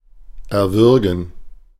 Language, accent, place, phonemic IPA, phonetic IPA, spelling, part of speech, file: German, Germany, Berlin, /ɛʁˈvʏʁɡən/, [ʔɛɐ̯ˈvʏɐ̯.ɡŋ̍], erwürgen, verb, De-erwürgen.ogg
- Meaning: 1. to strangle (choke someone to death) 2. to kill violently, to slay, murder